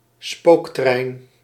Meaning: ghost train
- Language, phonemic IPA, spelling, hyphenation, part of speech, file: Dutch, /ˈspoːk.trɛi̯n/, spooktrein, spook‧trein, noun, Nl-spooktrein.ogg